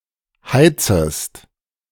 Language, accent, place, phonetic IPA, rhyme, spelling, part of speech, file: German, Germany, Berlin, [ˈhaɪ̯t͡səst], -aɪ̯t͡səst, heizest, verb, De-heizest.ogg
- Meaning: second-person singular subjunctive I of heizen